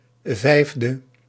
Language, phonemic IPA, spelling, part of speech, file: Dutch, /ˈvɛivdə/, 5e, adjective, Nl-5e.ogg
- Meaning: abbreviation of vijfde (“fifth”); 5th